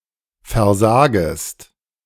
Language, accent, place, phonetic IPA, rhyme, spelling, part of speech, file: German, Germany, Berlin, [fɛɐ̯ˈzaːɡəst], -aːɡəst, versagest, verb, De-versagest.ogg
- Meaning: second-person singular subjunctive I of versagen